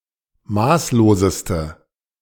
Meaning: inflection of maßlos: 1. strong/mixed nominative/accusative feminine singular superlative degree 2. strong nominative/accusative plural superlative degree
- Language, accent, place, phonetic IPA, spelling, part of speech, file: German, Germany, Berlin, [ˈmaːsloːzəstə], maßloseste, adjective, De-maßloseste.ogg